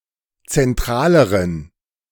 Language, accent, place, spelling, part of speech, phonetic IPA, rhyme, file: German, Germany, Berlin, zentraleren, adjective, [t͡sɛnˈtʁaːləʁən], -aːləʁən, De-zentraleren.ogg
- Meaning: inflection of zentral: 1. strong genitive masculine/neuter singular comparative degree 2. weak/mixed genitive/dative all-gender singular comparative degree